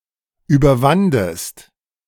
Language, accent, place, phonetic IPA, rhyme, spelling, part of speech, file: German, Germany, Berlin, [yːbɐˈvandəst], -andəst, überwandest, verb, De-überwandest.ogg
- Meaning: second-person singular preterite of überwinden